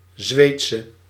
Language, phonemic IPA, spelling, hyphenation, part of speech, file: Dutch, /ˈzʋeːt.sə/, Zweedse, Zweed‧se, noun / adjective, Nl-Zweedse.ogg
- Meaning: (noun) Swedish woman; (adjective) inflection of Zweeds: 1. masculine/feminine singular attributive 2. definite neuter singular attributive 3. plural attributive